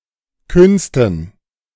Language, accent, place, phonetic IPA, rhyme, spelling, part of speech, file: German, Germany, Berlin, [ˈkʏnstn̩], -ʏnstn̩, Künsten, noun, De-Künsten.ogg
- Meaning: dative plural of Kunst